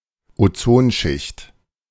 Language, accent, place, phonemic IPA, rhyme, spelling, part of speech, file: German, Germany, Berlin, /oˈtsoːnˌʃɪçt/, -ɪçt, Ozonschicht, noun, De-Ozonschicht.ogg
- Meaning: ozone layer